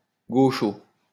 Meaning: 1. gaucho (Argentine cowboy) 2. leftist, leftie
- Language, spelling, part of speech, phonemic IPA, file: French, gaucho, noun, /ɡo.ʃo/, LL-Q150 (fra)-gaucho.wav